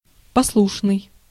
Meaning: obedient, dutiful, amenable, agreeable (willing to comply with)
- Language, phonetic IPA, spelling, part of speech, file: Russian, [pɐsˈɫuʂnɨj], послушный, adjective, Ru-послушный.ogg